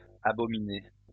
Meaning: masculine plural of abominé
- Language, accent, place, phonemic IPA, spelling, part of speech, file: French, France, Lyon, /a.bɔ.mi.ne/, abominés, verb, LL-Q150 (fra)-abominés.wav